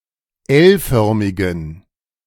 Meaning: inflection of L-förmig: 1. strong genitive masculine/neuter singular 2. weak/mixed genitive/dative all-gender singular 3. strong/weak/mixed accusative masculine singular 4. strong dative plural
- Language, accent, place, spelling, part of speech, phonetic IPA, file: German, Germany, Berlin, L-förmigen, adjective, [ˈɛlˌfœʁmɪɡn̩], De-L-förmigen.ogg